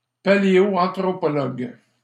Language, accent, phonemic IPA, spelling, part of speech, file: French, Canada, /pa.le.ɔ.ɑ̃.tʁɔ.pɔ.lɔɡ/, paléoanthropologue, noun, LL-Q150 (fra)-paléoanthropologue.wav
- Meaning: paleoanthropologist (specialist in paleoanthropology)